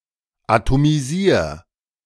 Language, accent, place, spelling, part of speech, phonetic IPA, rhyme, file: German, Germany, Berlin, atomisier, verb, [atomiˈziːɐ̯], -iːɐ̯, De-atomisier.ogg
- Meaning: 1. singular imperative of atomisieren 2. first-person singular present of atomisieren